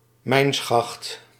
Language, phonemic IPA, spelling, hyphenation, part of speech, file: Dutch, /ˈmɛi̯n.sxɑxt/, mijnschacht, mijn‧schacht, noun, Nl-mijnschacht.ogg
- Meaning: mineshaft